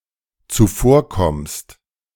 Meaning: second-person singular dependent present of zuvorkommen
- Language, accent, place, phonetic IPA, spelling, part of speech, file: German, Germany, Berlin, [t͡suˈfoːɐ̯ˌkɔmst], zuvorkommst, verb, De-zuvorkommst.ogg